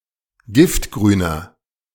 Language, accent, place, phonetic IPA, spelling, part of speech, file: German, Germany, Berlin, [ˈɡɪftɡʁyːnɐ], giftgrüner, adjective, De-giftgrüner.ogg
- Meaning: inflection of giftgrün: 1. strong/mixed nominative masculine singular 2. strong genitive/dative feminine singular 3. strong genitive plural